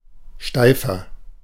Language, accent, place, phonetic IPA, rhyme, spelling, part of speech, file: German, Germany, Berlin, [ˈʃtaɪ̯fɐ], -aɪ̯fɐ, steifer, adjective, De-steifer.ogg
- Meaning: 1. comparative degree of steif 2. inflection of steif: strong/mixed nominative masculine singular 3. inflection of steif: strong genitive/dative feminine singular